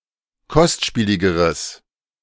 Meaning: strong/mixed nominative/accusative neuter singular comparative degree of kostspielig
- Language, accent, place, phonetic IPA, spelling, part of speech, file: German, Germany, Berlin, [ˈkɔstˌʃpiːlɪɡəʁəs], kostspieligeres, adjective, De-kostspieligeres.ogg